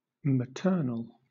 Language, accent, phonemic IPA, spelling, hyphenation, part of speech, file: English, Southern England, /məˈtɜːnəl/, maternal, ma‧tern‧al, adjective / noun, LL-Q1860 (eng)-maternal.wav
- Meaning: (adjective) 1. Of or pertaining to a mother; having the characteristics of a mother; motherly 2. Related through the mother, or her side of the family